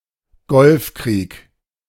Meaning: Gulf War (one of several wars fought in the 1980s, 1990s, and 2000s)
- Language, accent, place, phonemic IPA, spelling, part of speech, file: German, Germany, Berlin, /ˈɡɔlfˌkʁiːk/, Golfkrieg, proper noun, De-Golfkrieg.ogg